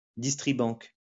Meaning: cash dispenser, ATM
- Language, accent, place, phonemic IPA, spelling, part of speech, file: French, France, Lyon, /dis.tʁi.bɑ̃k/, distribanque, noun, LL-Q150 (fra)-distribanque.wav